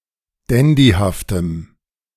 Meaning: strong dative masculine/neuter singular of dandyhaft
- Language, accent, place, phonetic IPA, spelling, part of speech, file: German, Germany, Berlin, [ˈdɛndihaftəm], dandyhaftem, adjective, De-dandyhaftem.ogg